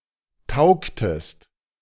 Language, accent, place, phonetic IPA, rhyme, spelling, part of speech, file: German, Germany, Berlin, [ˈtaʊ̯ktəst], -aʊ̯ktəst, taugtest, verb, De-taugtest.ogg
- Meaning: inflection of taugen: 1. second-person singular preterite 2. second-person singular subjunctive II